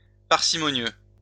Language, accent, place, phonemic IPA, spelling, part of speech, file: French, France, Lyon, /paʁ.si.mɔ.njø/, parcimonieux, adjective, LL-Q150 (fra)-parcimonieux.wav
- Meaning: parsimonious